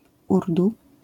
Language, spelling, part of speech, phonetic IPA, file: Polish, urdu, noun, [ˈurdu], LL-Q809 (pol)-urdu.wav